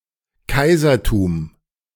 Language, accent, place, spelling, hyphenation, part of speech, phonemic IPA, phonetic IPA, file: German, Germany, Berlin, Kaisertum, Kai‧ser‧tum, noun, /ˈkaɪ̯zɐˌtuːm/, [ˈkʰaɪ̯zɐˌtʰuːm], De-Kaisertum.ogg
- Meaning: 1. empire (a state ruled by an emperor) 2. emperorship (the rank or office of an emperor)